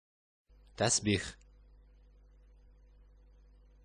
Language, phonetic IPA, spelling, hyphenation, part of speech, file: Bashkir, [tæsˈbʲiχ], тәсбих, тәс‧бих, noun, Ba-тәсбих.oga
- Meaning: prayer beads, rosary